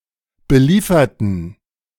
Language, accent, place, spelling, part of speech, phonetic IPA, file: German, Germany, Berlin, belieferten, adjective / verb, [bəˈliːfɐtn̩], De-belieferten.ogg
- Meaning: inflection of beliefern: 1. first/third-person plural preterite 2. first/third-person plural subjunctive II